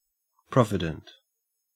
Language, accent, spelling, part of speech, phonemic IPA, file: English, Australia, provident, adjective, /ˈpɹɒvɪdənt/, En-au-provident.ogg
- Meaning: 1. Possessing, exercising, or demonstrating great care and consideration for the future 2. Showing care in the use of something (especially money or provisions), so as to avoid wasting it